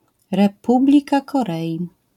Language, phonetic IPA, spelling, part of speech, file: Polish, [rɛˈpublʲika kɔˈrɛji], Republika Korei, proper noun, LL-Q809 (pol)-Republika Korei.wav